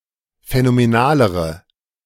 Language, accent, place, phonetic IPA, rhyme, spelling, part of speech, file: German, Germany, Berlin, [fɛnomeˈnaːləʁə], -aːləʁə, phänomenalere, adjective, De-phänomenalere.ogg
- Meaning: inflection of phänomenal: 1. strong/mixed nominative/accusative feminine singular comparative degree 2. strong nominative/accusative plural comparative degree